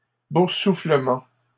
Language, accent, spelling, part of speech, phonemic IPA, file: French, Canada, boursouflement, noun, /buʁ.su.flə.mɑ̃/, LL-Q150 (fra)-boursouflement.wav
- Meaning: 1. swelling 2. blistering